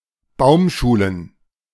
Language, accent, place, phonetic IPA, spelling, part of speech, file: German, Germany, Berlin, [ˈbaʊ̯mˌʃuːlən], Baumschulen, noun, De-Baumschulen.ogg
- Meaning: plural of Baumschule